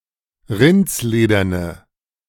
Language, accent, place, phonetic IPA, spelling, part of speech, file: German, Germany, Berlin, [ˈʁɪnt͡sˌleːdɐnə], rindslederne, adjective, De-rindslederne.ogg
- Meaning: inflection of rindsledern: 1. strong/mixed nominative/accusative feminine singular 2. strong nominative/accusative plural 3. weak nominative all-gender singular